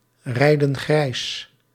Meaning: inflection of grijsrijden: 1. plural present indicative 2. plural present subjunctive
- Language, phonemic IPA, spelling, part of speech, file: Dutch, /ˈrɛidə(n) ˈɣrɛis/, rijden grijs, verb, Nl-rijden grijs.ogg